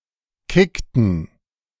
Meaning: inflection of kicken: 1. first/third-person plural preterite 2. first/third-person plural subjunctive II
- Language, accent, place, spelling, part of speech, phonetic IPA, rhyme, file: German, Germany, Berlin, kickten, verb, [ˈkɪktn̩], -ɪktn̩, De-kickten.ogg